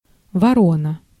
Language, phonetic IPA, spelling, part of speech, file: Russian, [vɐˈronə], ворона, noun, Ru-ворона.ogg
- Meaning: 1. crow (bird) 2. cuckoo, gawk, gaper, loafer